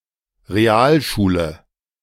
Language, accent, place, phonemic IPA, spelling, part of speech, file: German, Germany, Berlin, /reˈaːlʃuːlə/, Realschule, noun, De-Realschule.ogg
- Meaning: 1. A real school: a secondary school that focuses upon modern science and languages rather than literature, Greek, and Latin 2. A type of secondary school